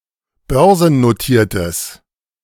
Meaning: strong/mixed nominative/accusative neuter singular of börsennotiert
- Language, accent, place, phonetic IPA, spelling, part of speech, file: German, Germany, Berlin, [ˈbœʁzn̩noˌtiːɐ̯təs], börsennotiertes, adjective, De-börsennotiertes.ogg